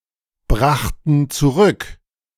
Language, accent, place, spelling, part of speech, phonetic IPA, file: German, Germany, Berlin, brachten zurück, verb, [ˌbʁaxtn̩ t͡suˈʁʏk], De-brachten zurück.ogg
- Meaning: first/third-person plural preterite of zurückbringen